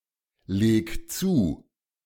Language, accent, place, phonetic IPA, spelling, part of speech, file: German, Germany, Berlin, [ˌleːk ˈt͡suː], leg zu, verb, De-leg zu.ogg
- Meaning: 1. singular imperative of zulegen 2. first-person singular present of zulegen